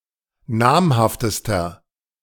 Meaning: inflection of namhaft: 1. strong/mixed nominative masculine singular superlative degree 2. strong genitive/dative feminine singular superlative degree 3. strong genitive plural superlative degree
- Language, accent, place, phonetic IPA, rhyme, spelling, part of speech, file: German, Germany, Berlin, [ˈnaːmhaftəstɐ], -aːmhaftəstɐ, namhaftester, adjective, De-namhaftester.ogg